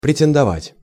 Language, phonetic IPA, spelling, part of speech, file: Russian, [prʲɪtʲɪndɐˈvatʲ], претендовать, verb, Ru-претендовать.ogg
- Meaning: to claim, to apply, to pretend, to aspire, to have pretensions